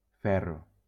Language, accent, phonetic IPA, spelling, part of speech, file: Catalan, Valencia, [ˈfɛ.ro], ferro, noun / verb, LL-Q7026 (cat)-ferro.wav
- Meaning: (noun) 1. iron (a metallic element) 2. something made of iron 3. iron (a golf club used for middle-distance shots); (verb) first-person singular present indicative of ferrar